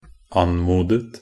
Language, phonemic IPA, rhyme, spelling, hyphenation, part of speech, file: Norwegian Bokmål, /ˈan.muːdət/, -ət, anmodet, an‧mo‧det, verb, Nb-anmodet.ogg
- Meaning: 1. simple past and present perfect of anmode 2. past participle common of anmode 3. past participle neuter of anmode